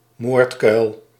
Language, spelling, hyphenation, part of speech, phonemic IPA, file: Dutch, moordkuil, moord‧kuil, noun, /ˈmoːrt.kœy̯l/, Nl-moordkuil.ogg
- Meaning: 1. a gruesome place, esp. a robbers' den 2. a casemate